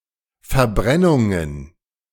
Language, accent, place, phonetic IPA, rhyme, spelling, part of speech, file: German, Germany, Berlin, [fɛɐ̯ˈbʁɛnʊŋən], -ɛnʊŋən, Verbrennungen, noun, De-Verbrennungen.ogg
- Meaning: plural of Verbrennung